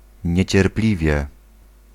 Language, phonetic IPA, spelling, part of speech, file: Polish, [ˌɲɛ̇t͡ɕɛrˈplʲivʲjɛ], niecierpliwie, adverb, Pl-niecierpliwie.ogg